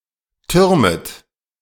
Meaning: second-person plural subjunctive I of türmen
- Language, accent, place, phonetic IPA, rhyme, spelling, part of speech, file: German, Germany, Berlin, [ˈtʏʁmət], -ʏʁmət, türmet, verb, De-türmet.ogg